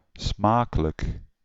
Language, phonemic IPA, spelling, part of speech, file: Dutch, /ˈsmaːkələk/, smakelijk, adjective / interjection, Nl-smakelijk.ogg
- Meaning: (adjective) tasty, delicious; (interjection) enjoy your meal, bon appétit